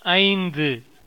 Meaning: five (numeral:௫)
- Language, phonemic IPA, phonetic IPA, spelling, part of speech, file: Tamil, /ɐɪ̯nd̪ɯ/, [ɐɪ̯n̪d̪ɯ], ஐந்து, numeral, Ta-ஐந்து.oga